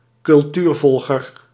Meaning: an animal that regularly makes anthropogenic environments into its habitat
- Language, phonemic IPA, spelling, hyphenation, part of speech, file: Dutch, /kʏlˈtyːrˌfɔl.ɣər/, cultuurvolger, cul‧tuur‧vol‧ger, noun, Nl-cultuurvolger.ogg